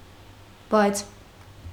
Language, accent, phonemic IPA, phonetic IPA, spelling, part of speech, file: Armenian, Eastern Armenian, /bɑjt͡sʰ/, [bɑjt͡sʰ], բայց, conjunction, Hy-բայց.ogg
- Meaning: 1. but, yet (contrastive logical conjunction) 2. though, however